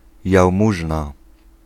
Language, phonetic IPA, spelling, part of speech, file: Polish, [jawˈmuʒna], jałmużna, noun, Pl-jałmużna.ogg